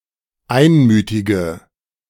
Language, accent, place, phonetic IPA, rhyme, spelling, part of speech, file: German, Germany, Berlin, [ˈaɪ̯nˌmyːtɪɡə], -aɪ̯nmyːtɪɡə, einmütige, adjective, De-einmütige.ogg
- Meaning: inflection of einmütig: 1. strong/mixed nominative/accusative feminine singular 2. strong nominative/accusative plural 3. weak nominative all-gender singular